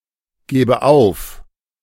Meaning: inflection of aufgeben: 1. first-person singular present 2. first/third-person singular subjunctive I
- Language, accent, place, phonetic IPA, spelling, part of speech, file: German, Germany, Berlin, [ˌɡeːbə ˈaʊ̯f], gebe auf, verb, De-gebe auf.ogg